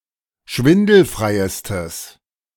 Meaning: strong/mixed nominative/accusative neuter singular superlative degree of schwindelfrei
- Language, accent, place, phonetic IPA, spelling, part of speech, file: German, Germany, Berlin, [ˈʃvɪndl̩fʁaɪ̯əstəs], schwindelfreiestes, adjective, De-schwindelfreiestes.ogg